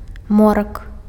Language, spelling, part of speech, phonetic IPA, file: Belarusian, морак, noun, [ˈmorak], Be-морак.ogg
- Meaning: darkness